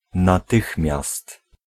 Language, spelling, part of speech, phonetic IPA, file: Polish, natychmiast, adverb, [naˈtɨxmʲjast], Pl-natychmiast.ogg